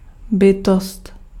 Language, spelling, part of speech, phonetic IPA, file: Czech, bytost, noun, [ˈbɪtost], Cs-bytost.ogg
- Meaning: being (living creature)